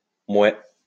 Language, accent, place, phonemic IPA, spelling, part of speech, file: French, France, Lyon, /mwɛ/, mouais, interjection, LL-Q150 (fra)-mouais.wav
- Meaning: not really; okay